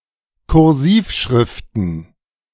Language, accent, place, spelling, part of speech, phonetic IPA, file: German, Germany, Berlin, Kursivschriften, noun, [kʊʁˈziːfˌʃʁɪftn̩], De-Kursivschriften.ogg
- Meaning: plural of Kursivschrift